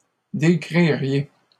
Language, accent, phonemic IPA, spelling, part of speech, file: French, Canada, /de.kʁi.ʁje/, décririez, verb, LL-Q150 (fra)-décririez.wav
- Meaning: second-person plural conditional of décrire